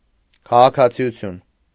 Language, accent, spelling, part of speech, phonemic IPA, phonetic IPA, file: Armenian, Eastern Armenian, քաղաքացիություն, noun, /kʰɑʁɑkʰɑt͡sʰiuˈtʰjun/, [kʰɑʁɑkʰɑt͡sʰi(j)ut͡sʰjún], Hy-քաղաքացիություն.ogg
- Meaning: citizenship